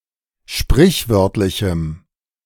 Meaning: strong dative masculine/neuter singular of sprichwörtlich
- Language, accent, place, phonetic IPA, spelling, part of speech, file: German, Germany, Berlin, [ˈʃpʁɪçˌvœʁtlɪçm̩], sprichwörtlichem, adjective, De-sprichwörtlichem.ogg